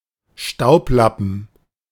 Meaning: dustcloth, dustrag, duster (object used for dusting)
- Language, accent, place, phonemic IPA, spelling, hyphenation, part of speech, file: German, Germany, Berlin, /ˈʃtaʊ̯pˌlapən/, Staublappen, Staub‧lap‧pen, noun, De-Staublappen.ogg